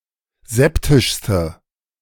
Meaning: inflection of septisch: 1. strong/mixed nominative/accusative feminine singular superlative degree 2. strong nominative/accusative plural superlative degree
- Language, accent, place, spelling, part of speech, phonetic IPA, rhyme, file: German, Germany, Berlin, septischste, adjective, [ˈzɛptɪʃstə], -ɛptɪʃstə, De-septischste.ogg